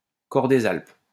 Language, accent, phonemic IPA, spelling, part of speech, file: French, France, /kɔʁ de.z‿alp/, cor des Alpes, noun, LL-Q150 (fra)-cor des Alpes.wav
- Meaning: alphorn